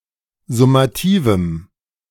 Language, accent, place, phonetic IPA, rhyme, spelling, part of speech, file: German, Germany, Berlin, [zʊmaˈtiːvm̩], -iːvm̩, summativem, adjective, De-summativem.ogg
- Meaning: strong dative masculine/neuter singular of summativ